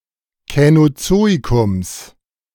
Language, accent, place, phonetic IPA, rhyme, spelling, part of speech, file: German, Germany, Berlin, [kɛnoˈt͡soːikʊms], -oːikʊms, Känozoikums, noun, De-Känozoikums.ogg
- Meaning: genitive singular of Känozoikum